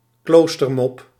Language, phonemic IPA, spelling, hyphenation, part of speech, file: Dutch, /ˈkloːs.tərˌmɔp/, kloostermop, kloos‧ter‧mop, noun, Nl-kloostermop.ogg
- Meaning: large mediaeval brick